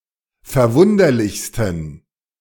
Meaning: 1. superlative degree of verwunderlich 2. inflection of verwunderlich: strong genitive masculine/neuter singular superlative degree
- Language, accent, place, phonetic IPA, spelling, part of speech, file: German, Germany, Berlin, [fɛɐ̯ˈvʊndɐlɪçstn̩], verwunderlichsten, adjective, De-verwunderlichsten.ogg